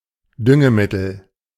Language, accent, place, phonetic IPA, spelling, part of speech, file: German, Germany, Berlin, [ˈdʏŋəˌmɪtl̩], Düngemittel, noun, De-Düngemittel.ogg
- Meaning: fertilizer